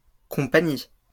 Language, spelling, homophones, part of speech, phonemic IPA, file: French, compagnies, compagnie, noun, /kɔ̃.pa.ɲi/, LL-Q150 (fra)-compagnies.wav
- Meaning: plural of compagnie